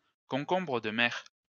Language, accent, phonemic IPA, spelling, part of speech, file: French, France, /kɔ̃.kɔ̃.bʁə d(ə) mɛʁ/, concombre de mer, noun, LL-Q150 (fra)-concombre de mer.wav
- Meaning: sea cucumber